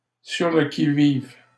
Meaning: on the alert
- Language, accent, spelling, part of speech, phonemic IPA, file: French, Canada, sur le qui-vive, prepositional phrase, /syʁ lə ki.viv/, LL-Q150 (fra)-sur le qui-vive.wav